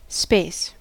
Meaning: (noun) Unlimited or generalized extent, physical or otherwise.: 1. The distance between objects 2. A physical extent across two or three dimensions (sometimes for or to do something)
- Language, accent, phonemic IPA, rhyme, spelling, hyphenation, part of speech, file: English, US, /speɪs/, -eɪs, space, space, noun / verb, En-us-space.ogg